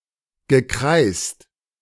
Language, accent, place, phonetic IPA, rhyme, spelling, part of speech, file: German, Germany, Berlin, [ɡəˈkʁaɪ̯st], -aɪ̯st, gekreist, verb, De-gekreist.ogg
- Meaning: past participle of kreisen